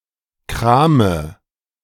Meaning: inflection of kramen: 1. first-person singular present 2. first/third-person singular subjunctive I 3. singular imperative
- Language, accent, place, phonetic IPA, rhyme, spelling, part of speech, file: German, Germany, Berlin, [ˈkʁaːmə], -aːmə, krame, verb, De-krame.ogg